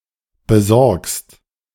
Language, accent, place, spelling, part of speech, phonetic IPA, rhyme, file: German, Germany, Berlin, besorgst, verb, [bəˈzɔʁkst], -ɔʁkst, De-besorgst.ogg
- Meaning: second-person singular present of besorgen